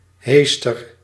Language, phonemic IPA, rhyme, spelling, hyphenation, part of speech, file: Dutch, /ˈɦeːs.tər/, -eːstər, heester, hees‧ter, noun, Nl-heester.ogg
- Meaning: bush, shrub